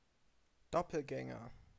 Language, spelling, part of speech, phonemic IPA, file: German, Doppelgänger, noun, /ˈdɔpl̩ɡɛŋɐ/, De-Doppelgänger.ogg
- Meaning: doppelganger, doppelgänger (a remarkably similar double)